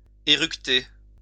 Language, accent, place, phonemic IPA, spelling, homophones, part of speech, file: French, France, Lyon, /e.ʁyk.te/, éructer, éructai / éructé / éructée / éructées / éructés / éructez, verb, LL-Q150 (fra)-éructer.wav
- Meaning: 1. to belch or eructate 2. to blurt out